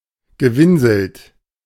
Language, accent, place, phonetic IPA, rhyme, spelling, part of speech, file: German, Germany, Berlin, [ɡəˈvɪnzl̩t], -ɪnzl̩t, gewinselt, verb, De-gewinselt.ogg
- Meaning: past participle of winseln